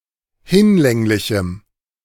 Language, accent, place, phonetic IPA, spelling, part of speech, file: German, Germany, Berlin, [ˈhɪnˌlɛŋlɪçm̩], hinlänglichem, adjective, De-hinlänglichem.ogg
- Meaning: strong dative masculine/neuter singular of hinlänglich